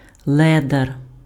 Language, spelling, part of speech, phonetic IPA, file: Ukrainian, ледар, noun, [ˈɫɛdɐr], Uk-ледар.ogg
- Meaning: lazy person, lazybones, idler, loafer, slacker